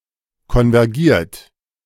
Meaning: 1. past participle of konvergieren 2. inflection of konvergieren: third-person singular present 3. inflection of konvergieren: second-person plural present
- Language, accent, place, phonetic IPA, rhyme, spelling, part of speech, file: German, Germany, Berlin, [kɔnvɛʁˈɡiːɐ̯t], -iːɐ̯t, konvergiert, verb, De-konvergiert.ogg